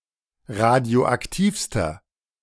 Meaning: inflection of radioaktiv: 1. strong/mixed nominative masculine singular superlative degree 2. strong genitive/dative feminine singular superlative degree 3. strong genitive plural superlative degree
- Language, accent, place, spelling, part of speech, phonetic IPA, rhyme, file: German, Germany, Berlin, radioaktivster, adjective, [ˌʁadi̯oʔakˈtiːfstɐ], -iːfstɐ, De-radioaktivster.ogg